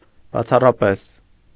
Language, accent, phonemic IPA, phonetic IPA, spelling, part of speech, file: Armenian, Eastern Armenian, /bɑt͡sʰɑrɑˈpes/, [bɑt͡sʰɑrɑpés], բացառապես, adverb, Hy-բացառապես.ogg
- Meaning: exclusively, solely, purely